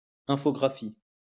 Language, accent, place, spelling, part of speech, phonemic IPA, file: French, France, Lyon, infographie, noun, /ɛ̃.fɔ.ɡʁa.fi/, LL-Q150 (fra)-infographie.wav
- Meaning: computer graphics